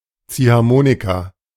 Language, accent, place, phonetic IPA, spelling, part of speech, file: German, Germany, Berlin, [ˈt͡siːhaʁˌmoːnika], Ziehharmonika, noun, De-Ziehharmonika.ogg
- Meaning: squeezebox